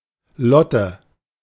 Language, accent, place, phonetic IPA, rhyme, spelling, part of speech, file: German, Germany, Berlin, [ˈlɔtə], -ɔtə, Lotte, proper noun, De-Lotte.ogg
- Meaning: a diminutive of the female given name Charlotte